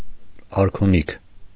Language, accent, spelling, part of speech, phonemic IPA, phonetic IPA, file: Armenian, Eastern Armenian, արքունիք, noun, /ɑɾkʰuˈnikʰ/, [ɑɾkʰuníkʰ], Hy-արքունիք.ogg
- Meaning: 1. royal palace 2. royal court